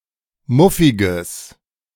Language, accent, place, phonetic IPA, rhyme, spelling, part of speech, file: German, Germany, Berlin, [ˈmʊfɪɡəs], -ʊfɪɡəs, muffiges, adjective, De-muffiges.ogg
- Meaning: strong/mixed nominative/accusative neuter singular of muffig